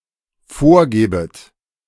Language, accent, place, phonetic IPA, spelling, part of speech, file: German, Germany, Berlin, [ˈfoːɐ̯ˌɡeːbət], vorgebet, verb, De-vorgebet.ogg
- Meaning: second-person plural dependent subjunctive I of vorgeben